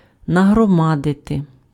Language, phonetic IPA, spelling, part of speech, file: Ukrainian, [nɐɦrɔˈmadete], нагромадити, verb, Uk-нагромадити.ogg
- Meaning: to accumulate, to pile up, to heap up